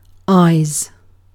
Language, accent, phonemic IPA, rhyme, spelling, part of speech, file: English, UK, /aɪz/, -aɪz, eyes, noun / verb, En-uk-eyes.ogg
- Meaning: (noun) plural of eye; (verb) third-person singular simple present indicative of eye